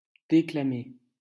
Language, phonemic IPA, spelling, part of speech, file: French, /de.kla.me/, déclamer, verb, LL-Q150 (fra)-déclamer.wav
- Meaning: to declaim, speak out (against)